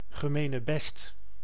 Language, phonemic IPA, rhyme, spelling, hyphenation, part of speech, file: Dutch, /ɣəˌmeː.nəˈbɛst/, -ɛst, gemenebest, ge‧me‧ne‧best, noun, Nl-gemenebest.ogg
- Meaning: commonwealth, voluntary grouping of sovereign nations; capitalized in named cases, notably Gemenebest van Naties and Gemenebest van Onafhankelijke Staten